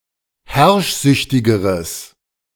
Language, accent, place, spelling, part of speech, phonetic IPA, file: German, Germany, Berlin, herrschsüchtigeres, adjective, [ˈhɛʁʃˌzʏçtɪɡəʁəs], De-herrschsüchtigeres.ogg
- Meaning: strong/mixed nominative/accusative neuter singular comparative degree of herrschsüchtig